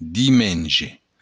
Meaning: Sunday
- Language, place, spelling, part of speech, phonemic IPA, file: Occitan, Béarn, dimenge, noun, /diˈmend͡ʒe/, LL-Q14185 (oci)-dimenge.wav